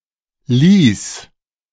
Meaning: first/third-person singular preterite of lassen
- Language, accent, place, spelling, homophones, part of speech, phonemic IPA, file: German, Germany, Berlin, ließ, lies, verb, /liːs/, De-ließ.ogg